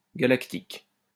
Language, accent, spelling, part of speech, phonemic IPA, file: French, France, galactique, adjective, /ɡa.lak.tik/, LL-Q150 (fra)-galactique.wav
- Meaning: galactic; galactical